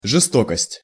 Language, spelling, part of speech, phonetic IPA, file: Russian, жестокость, noun, [ʐɨˈstokəsʲtʲ], Ru-жестокость.ogg
- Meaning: 1. brutality 2. cruelty